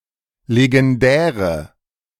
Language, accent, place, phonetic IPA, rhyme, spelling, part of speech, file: German, Germany, Berlin, [leɡɛnˈdɛːʁə], -ɛːʁə, legendäre, adjective, De-legendäre.ogg
- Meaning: inflection of legendär: 1. strong/mixed nominative/accusative feminine singular 2. strong nominative/accusative plural 3. weak nominative all-gender singular